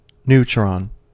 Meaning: A subatomic particle forming part of the nucleus of an atom and having no charge; it is a combination of an up quark and two down quarks
- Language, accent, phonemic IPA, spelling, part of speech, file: English, US, /ˈnu.tɹɑn/, neutron, noun, En-us-neutron.ogg